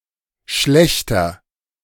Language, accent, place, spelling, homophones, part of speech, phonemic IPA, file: German, Germany, Berlin, Schlächter, schlechter, noun, /ˈʃlɛçtɐ/, De-Schlächter.ogg
- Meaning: 1. slaughterer, butcher (affective term for a killer; male or of unspecified sex) 2. someone who works at a slaughterhouse (male or of unspecified gender) 3. archaic form of Schlachter (“butcher”)